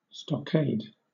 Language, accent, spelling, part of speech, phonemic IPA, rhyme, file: English, Southern England, stockade, noun / verb, /ˌstɒˈkeɪd/, -eɪd, LL-Q1860 (eng)-stockade.wav
- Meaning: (noun) 1. An enclosure protected by a wall of wooden posts 2. A military prison; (verb) To enclose in a stockade